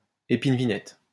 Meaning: barberry
- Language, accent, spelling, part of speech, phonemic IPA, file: French, France, épine-vinette, noun, /e.pin.vi.nɛt/, LL-Q150 (fra)-épine-vinette.wav